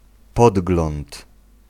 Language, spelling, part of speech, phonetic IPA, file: Polish, podgląd, noun, [ˈpɔdɡlɔ̃nt], Pl-podgląd.ogg